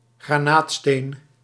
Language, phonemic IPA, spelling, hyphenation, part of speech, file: Dutch, /ɣraːˈnaːtˌsteːn/, granaatsteen, gra‧naat‧steen, noun, Nl-granaatsteen.ogg
- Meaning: a garnet